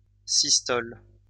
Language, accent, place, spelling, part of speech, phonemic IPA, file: French, France, Lyon, systole, noun, /sis.tɔl/, LL-Q150 (fra)-systole.wav
- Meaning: systole